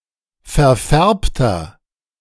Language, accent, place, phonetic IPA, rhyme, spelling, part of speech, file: German, Germany, Berlin, [fɛɐ̯ˈfɛʁptɐ], -ɛʁptɐ, verfärbter, adjective, De-verfärbter.ogg
- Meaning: 1. comparative degree of verfärbt 2. inflection of verfärbt: strong/mixed nominative masculine singular 3. inflection of verfärbt: strong genitive/dative feminine singular